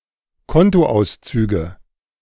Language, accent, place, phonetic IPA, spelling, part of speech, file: German, Germany, Berlin, [ˈkɔntoˌʔaʊ̯st͡syːɡə], Kontoauszüge, noun, De-Kontoauszüge.ogg
- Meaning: nominative/accusative/genitive plural of Kontoauszug